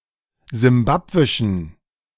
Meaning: inflection of simbabwisch: 1. strong genitive masculine/neuter singular 2. weak/mixed genitive/dative all-gender singular 3. strong/weak/mixed accusative masculine singular 4. strong dative plural
- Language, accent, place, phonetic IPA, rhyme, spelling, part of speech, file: German, Germany, Berlin, [zɪmˈbapvɪʃn̩], -apvɪʃn̩, simbabwischen, adjective, De-simbabwischen.ogg